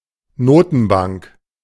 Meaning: central bank
- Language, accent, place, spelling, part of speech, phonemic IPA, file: German, Germany, Berlin, Notenbank, noun, /ˈnoːtn̩baŋk/, De-Notenbank.ogg